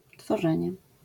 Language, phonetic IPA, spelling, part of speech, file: Polish, [tfɔˈʒɛ̃ɲɛ], tworzenie, noun, LL-Q809 (pol)-tworzenie.wav